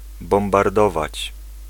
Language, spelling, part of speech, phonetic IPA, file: Polish, bombardować, verb, [ˌbɔ̃mbarˈdɔvat͡ɕ], Pl-bombardować.ogg